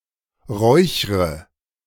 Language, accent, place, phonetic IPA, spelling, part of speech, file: German, Germany, Berlin, [ˈʁɔɪ̯çʁə], räuchre, verb, De-räuchre.ogg
- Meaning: inflection of räuchern: 1. first-person singular present 2. first/third-person singular subjunctive I 3. singular imperative